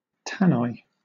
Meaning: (noun) A public address system; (verb) To transmit, or communicate with, by means of a public address system
- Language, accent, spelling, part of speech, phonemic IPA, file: English, Southern England, tannoy, noun / verb, /ˈtænɔɪ/, LL-Q1860 (eng)-tannoy.wav